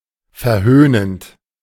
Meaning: present participle of verhöhnen
- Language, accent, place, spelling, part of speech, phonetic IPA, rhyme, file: German, Germany, Berlin, verhöhnend, verb, [fɛɐ̯ˈhøːnənt], -øːnənt, De-verhöhnend.ogg